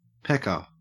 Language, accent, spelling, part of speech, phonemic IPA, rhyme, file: English, Australia, pecker, noun, /ˈpɛkə(ɹ)/, -ɛkə(ɹ), En-au-pecker.ogg
- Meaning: Someone who or something that pecks, striking or piercing in the manner of a bird's beak or bill, particularly